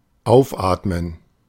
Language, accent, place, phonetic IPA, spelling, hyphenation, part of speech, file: German, Germany, Berlin, [ˈʔaʊ̯fʔaːtmən], aufatmen, auf‧at‧men, verb, De-aufatmen.ogg
- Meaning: (semelfactive, intransitive) to breathe again